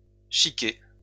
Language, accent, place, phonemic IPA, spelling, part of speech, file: French, France, Lyon, /ʃi.ke/, chiqué, verb / noun, LL-Q150 (fra)-chiqué.wav
- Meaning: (verb) past participle of chiquer; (noun) affectation; airs